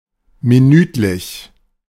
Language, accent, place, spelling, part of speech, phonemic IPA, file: German, Germany, Berlin, minütlich, adjective, /miˈnyːtlɪç/, De-minütlich.ogg
- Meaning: minutely (happening every minute)